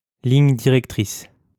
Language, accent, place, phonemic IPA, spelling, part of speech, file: French, France, Lyon, /liɲ di.ʁɛk.tʁis/, ligne directrice, noun, LL-Q150 (fra)-ligne directrice.wav
- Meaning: 1. directrix 2. guiding line, guideline